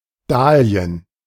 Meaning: plural of Dahlie
- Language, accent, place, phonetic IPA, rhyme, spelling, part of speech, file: German, Germany, Berlin, [ˈdaːli̯ən], -aːli̯ən, Dahlien, noun, De-Dahlien.ogg